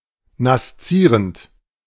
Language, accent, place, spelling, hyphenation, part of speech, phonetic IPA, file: German, Germany, Berlin, naszierend, nas‧zie‧rend, adjective, [nasˈt͡siːʁənt], De-naszierend.ogg
- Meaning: nascent